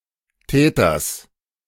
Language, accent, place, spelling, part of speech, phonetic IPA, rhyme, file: German, Germany, Berlin, Täters, noun, [ˈtɛːtɐs], -ɛːtɐs, De-Täters.ogg
- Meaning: genitive singular of Täter